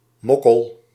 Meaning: 1. broad, babe 2. slut 3. chubby woman or girl
- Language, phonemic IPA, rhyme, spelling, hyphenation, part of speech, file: Dutch, /ˈmɔ.kəl/, -ɔkəl, mokkel, mok‧kel, noun, Nl-mokkel.ogg